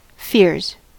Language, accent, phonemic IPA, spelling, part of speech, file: English, US, /fɪɹz/, fears, noun / verb, En-us-fears.ogg
- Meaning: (noun) plural of fear; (verb) third-person singular simple present indicative of fear